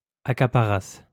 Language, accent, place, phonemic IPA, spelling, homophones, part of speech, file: French, France, Lyon, /a.ka.pa.ʁas/, accaparassent, accaparasse / accaparasses, verb, LL-Q150 (fra)-accaparassent.wav
- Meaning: third-person plural imperfect subjunctive of accaparer